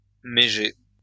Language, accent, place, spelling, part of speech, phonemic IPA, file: French, France, Lyon, méger, noun, /me.ʒe/, LL-Q150 (fra)-méger.wav
- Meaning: sharecropper